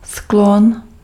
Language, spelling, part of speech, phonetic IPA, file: Czech, sklon, noun, [ˈsklon], Cs-sklon.ogg
- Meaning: 1. slope, gradient, incline, cant 2. tendency, inclination